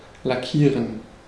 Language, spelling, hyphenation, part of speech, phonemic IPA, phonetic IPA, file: German, lackieren, la‧ckie‧ren, verb, /laˈkiːʁən/, [laˈkʰiːɐ̯n], De-lackieren.ogg
- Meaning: to lacquer, to varnish, to paint (with a uniform coating, either protective or for coloring)